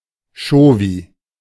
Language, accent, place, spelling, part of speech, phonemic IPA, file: German, Germany, Berlin, Chauvi, noun, /ˈʃoːvi/, De-Chauvi.ogg
- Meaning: male chauvinist; (mild) misogynist; macho